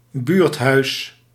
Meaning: community centre
- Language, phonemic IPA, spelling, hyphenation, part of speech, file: Dutch, /ˈbyːrt.ɦœy̯s/, buurthuis, buurt‧huis, noun, Nl-buurthuis.ogg